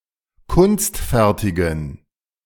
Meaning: inflection of kunstfertig: 1. strong genitive masculine/neuter singular 2. weak/mixed genitive/dative all-gender singular 3. strong/weak/mixed accusative masculine singular 4. strong dative plural
- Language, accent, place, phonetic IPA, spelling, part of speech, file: German, Germany, Berlin, [ˈkʊnstˌfɛʁtɪɡn̩], kunstfertigen, adjective, De-kunstfertigen.ogg